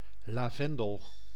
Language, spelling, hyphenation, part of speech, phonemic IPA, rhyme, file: Dutch, lavendel, la‧ven‧del, noun, /laːˈvɛn.dəl/, -ɛndəl, Nl-lavendel.ogg
- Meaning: 1. lavender (Lavandula spp.) 2. lavender (color)